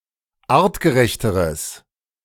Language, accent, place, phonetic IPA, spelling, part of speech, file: German, Germany, Berlin, [ˈaːʁtɡəˌʁɛçtəʁəs], artgerechteres, adjective, De-artgerechteres.ogg
- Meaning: strong/mixed nominative/accusative neuter singular comparative degree of artgerecht